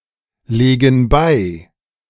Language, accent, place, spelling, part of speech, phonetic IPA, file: German, Germany, Berlin, legen bei, verb, [ˌleːɡn̩ ˈbaɪ̯], De-legen bei.ogg
- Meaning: inflection of beilegen: 1. first/third-person plural present 2. first/third-person plural subjunctive I